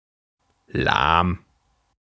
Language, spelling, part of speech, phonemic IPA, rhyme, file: German, lahm, adjective, /laːm/, -aːm, De-lahm.ogg
- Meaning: lame (limited in movement due to injury, defect or paralysis to legs, wings, etc.; especially of animals and their limbs)